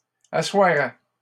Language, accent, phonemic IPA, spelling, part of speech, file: French, Canada, /a.swa.ʁɛ/, assoirais, verb, LL-Q150 (fra)-assoirais.wav
- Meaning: first/second-person singular conditional of asseoir